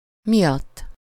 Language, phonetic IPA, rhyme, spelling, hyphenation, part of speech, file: Hungarian, [ˈmijɒtː], -ɒtː, miatt, mi‧att, postposition, Hu-miatt.ogg
- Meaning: 1. because of, owing to, on account of, for 2. for, for the sake of